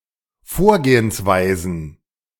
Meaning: plural of Vorgehensweise
- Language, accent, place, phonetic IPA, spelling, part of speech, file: German, Germany, Berlin, [ˈfoːɐ̯ɡeːənsˌvaɪ̯zn̩], Vorgehensweisen, noun, De-Vorgehensweisen.ogg